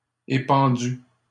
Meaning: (verb) past participle of épandre; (adjective) spread
- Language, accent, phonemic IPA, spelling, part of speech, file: French, Canada, /e.pɑ̃.dy/, épandu, verb / adjective, LL-Q150 (fra)-épandu.wav